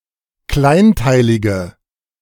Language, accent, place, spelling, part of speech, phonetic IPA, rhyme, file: German, Germany, Berlin, kleinteilige, adjective, [ˈklaɪ̯nˌtaɪ̯lɪɡə], -aɪ̯ntaɪ̯lɪɡə, De-kleinteilige.ogg
- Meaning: inflection of kleinteilig: 1. strong/mixed nominative/accusative feminine singular 2. strong nominative/accusative plural 3. weak nominative all-gender singular